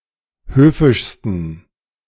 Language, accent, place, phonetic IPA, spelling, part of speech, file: German, Germany, Berlin, [ˈhøːfɪʃstn̩], höfischsten, adjective, De-höfischsten.ogg
- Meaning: 1. superlative degree of höfisch 2. inflection of höfisch: strong genitive masculine/neuter singular superlative degree